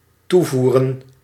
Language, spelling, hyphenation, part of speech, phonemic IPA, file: Dutch, toevoeren, toe‧voe‧ren, verb / noun, /ˈtuˌvu.rə(n)/, Nl-toevoeren.ogg
- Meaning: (verb) to supply; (noun) plural of toevoer